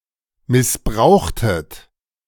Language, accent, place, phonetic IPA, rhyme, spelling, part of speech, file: German, Germany, Berlin, [mɪsˈbʁaʊ̯xtət], -aʊ̯xtət, missbrauchtet, verb, De-missbrauchtet.ogg
- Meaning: inflection of missbrauchen: 1. second-person plural preterite 2. second-person plural subjunctive II